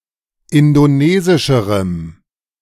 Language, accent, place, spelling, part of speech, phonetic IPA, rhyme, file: German, Germany, Berlin, indonesischerem, adjective, [ˌɪndoˈneːzɪʃəʁəm], -eːzɪʃəʁəm, De-indonesischerem.ogg
- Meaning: strong dative masculine/neuter singular comparative degree of indonesisch